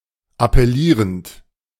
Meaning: present participle of appellieren
- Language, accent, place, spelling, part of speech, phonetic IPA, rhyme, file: German, Germany, Berlin, appellierend, verb, [apɛˈliːʁənt], -iːʁənt, De-appellierend.ogg